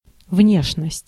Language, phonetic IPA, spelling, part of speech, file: Russian, [ˈvnʲeʂnəsʲtʲ], внешность, noun, Ru-внешность.ogg
- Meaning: 1. appearance, look (physical appearance) 2. exterior, outside